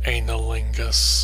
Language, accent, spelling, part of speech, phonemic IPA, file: English, US, anilingus, noun, /ˌeɪ.nɪˈlɪŋ.ɡəs/, Anilingus US.ogg
- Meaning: Performance of oral sex upon the anus